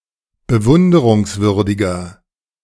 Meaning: 1. comparative degree of bewunderungswürdig 2. inflection of bewunderungswürdig: strong/mixed nominative masculine singular
- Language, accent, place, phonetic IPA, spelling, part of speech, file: German, Germany, Berlin, [bəˈvʊndəʁʊŋsˌvʏʁdɪɡɐ], bewunderungswürdiger, adjective, De-bewunderungswürdiger.ogg